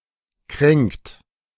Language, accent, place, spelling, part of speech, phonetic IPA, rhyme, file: German, Germany, Berlin, kränkt, verb, [kʁɛŋkt], -ɛŋkt, De-kränkt.ogg
- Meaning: inflection of kränken: 1. third-person singular present 2. second-person plural present 3. plural imperative